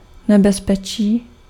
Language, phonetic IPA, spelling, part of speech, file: Czech, [ˈnɛbɛspɛt͡ʃiː], nebezpečí, noun, Cs-nebezpečí.ogg
- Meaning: 1. danger 2. peril (something that causes danger)